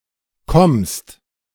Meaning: second-person singular present of kommen
- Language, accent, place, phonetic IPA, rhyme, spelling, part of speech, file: German, Germany, Berlin, [kɔmst], -ɔmst, kommst, verb, De-kommst.ogg